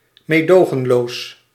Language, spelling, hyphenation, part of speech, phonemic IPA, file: Dutch, meedogenloos, mee‧do‧gen‧loos, adjective, /ˌmeːˈdoː.ɣə(n).loːs/, Nl-meedogenloos.ogg
- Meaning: ruthless, merciless